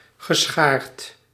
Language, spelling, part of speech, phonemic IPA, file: Dutch, geschaard, verb, /ɣəˈsxart/, Nl-geschaard.ogg
- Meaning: past participle of scharen